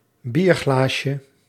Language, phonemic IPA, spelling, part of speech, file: Dutch, /ˈbirɣlaʃə/, bierglaasje, noun, Nl-bierglaasje.ogg
- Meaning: diminutive of bierglas